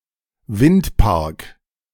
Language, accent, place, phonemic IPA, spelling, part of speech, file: German, Germany, Berlin, /ˈvɪntˌpaʁk/, Windpark, noun, De-Windpark.ogg
- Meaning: wind farm